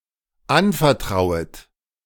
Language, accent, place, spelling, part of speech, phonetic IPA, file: German, Germany, Berlin, anvertrauet, verb, [ˈanfɛɐ̯ˌtʁaʊ̯ət], De-anvertrauet.ogg
- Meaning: second-person plural dependent subjunctive I of anvertrauen